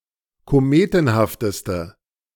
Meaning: inflection of kometenhaft: 1. strong/mixed nominative/accusative feminine singular superlative degree 2. strong nominative/accusative plural superlative degree
- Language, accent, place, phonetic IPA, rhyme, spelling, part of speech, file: German, Germany, Berlin, [koˈmeːtn̩haftəstə], -eːtn̩haftəstə, kometenhafteste, adjective, De-kometenhafteste.ogg